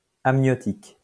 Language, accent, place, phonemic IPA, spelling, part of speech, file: French, France, Lyon, /am.njɔ.tik/, amniotique, adjective, LL-Q150 (fra)-amniotique.wav
- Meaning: amniotic